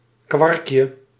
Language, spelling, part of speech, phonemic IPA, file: Dutch, kwarkje, noun, /ˈkwɑrkjə/, Nl-kwarkje.ogg
- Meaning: diminutive of kwark